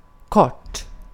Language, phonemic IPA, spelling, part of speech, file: Swedish, /kɔrt/, kort, adjective, Sv-kort.ogg
- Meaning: short